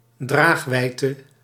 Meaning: 1. range, scope (of a ranged weapon) 2. scope, importance, meaning
- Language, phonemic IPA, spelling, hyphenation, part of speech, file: Dutch, /ˈdraːxˌʋɛi̯.tə/, draagwijdte, draag‧wijd‧te, noun, Nl-draagwijdte.ogg